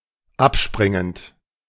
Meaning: present participle of abspringen
- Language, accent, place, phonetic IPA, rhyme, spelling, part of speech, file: German, Germany, Berlin, [ˈapˌʃpʁɪŋənt], -apʃpʁɪŋənt, abspringend, verb, De-abspringend.ogg